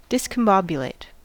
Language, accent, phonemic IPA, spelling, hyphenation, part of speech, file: English, US, /ˌdɪs.kəmˈbɒb.jəˌleɪt/, discombobulate, dis‧com‧bob‧u‧late, verb, En-us-discombobulate.ogg
- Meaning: To throw into a state of confusion; to befuddle or perplex